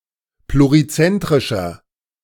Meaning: inflection of plurizentrisch: 1. strong/mixed nominative masculine singular 2. strong genitive/dative feminine singular 3. strong genitive plural
- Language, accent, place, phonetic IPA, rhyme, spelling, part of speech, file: German, Germany, Berlin, [pluʁiˈt͡sɛntʁɪʃɐ], -ɛntʁɪʃɐ, plurizentrischer, adjective, De-plurizentrischer.ogg